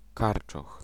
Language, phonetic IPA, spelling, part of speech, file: Polish, [ˈkart͡ʃɔx], karczoch, noun, Pl-karczoch.ogg